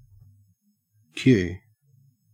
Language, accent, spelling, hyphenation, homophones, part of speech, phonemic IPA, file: English, Australia, queue, queue, cue / Kew / kyu / Q / que, noun / verb, /kjʉw/, En-au-queue.ogg